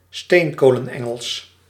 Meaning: Dunglish
- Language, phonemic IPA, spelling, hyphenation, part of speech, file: Dutch, /ˈsteːŋ.koː.lə(n)ˌɛ.ŋəls/, steenkolenengels, steen‧ko‧len‧en‧gels, noun, Nl-steenkolenengels.ogg